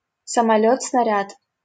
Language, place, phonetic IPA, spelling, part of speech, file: Russian, Saint Petersburg, [səmɐˈlʲɵt͡s snɐˈrʲat], самолёт-снаряд, noun, LL-Q7737 (rus)-самолёт-снаряд.wav
- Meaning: buzz bomb, cruise missile (replaced by the more modern term крылатая ракета)